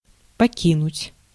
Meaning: 1. to leave, to quit, to forsake 2. to abandon, to desert
- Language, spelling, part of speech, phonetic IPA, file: Russian, покинуть, verb, [pɐˈkʲinʊtʲ], Ru-покинуть.ogg